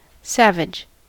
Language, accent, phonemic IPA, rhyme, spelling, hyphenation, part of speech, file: English, US, /ˈsævɪd͡ʒ/, -ævɪd͡ʒ, savage, sav‧age, adjective / noun / verb, En-us-savage.ogg
- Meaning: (adjective) 1. Wild; not cultivated or tamed 2. Barbaric; not civilized 3. Primitive; lacking complexity or sophistication 4. Fierce and ferocious 5. Brutal, vicious, or merciless